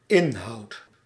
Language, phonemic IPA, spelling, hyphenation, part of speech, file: Dutch, /ˈɪn.ɦɑu̯t/, inhoud, in‧houd, noun / verb, Nl-inhoud.ogg
- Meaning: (noun) 1. content; contents 2. index; table of contents 3. volume; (verb) first-person singular dependent-clause present indicative of inhouden